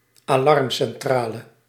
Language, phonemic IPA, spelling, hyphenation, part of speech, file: Dutch, /aːˈlɑrm.sɛnˌtraː.lə/, alarmcentrale, alarm‧cen‧tra‧le, noun, Nl-alarmcentrale.ogg
- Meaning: emergency exchange